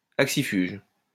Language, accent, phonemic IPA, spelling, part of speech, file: French, France, /ak.si.fyʒ/, axifuge, adjective, LL-Q150 (fra)-axifuge.wav
- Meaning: axifugal